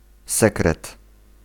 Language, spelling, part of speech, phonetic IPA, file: Polish, sekret, noun, [ˈsɛkrɛt], Pl-sekret.ogg